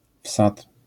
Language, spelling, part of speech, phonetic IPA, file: Polish, wsad, noun, [fsat], LL-Q809 (pol)-wsad.wav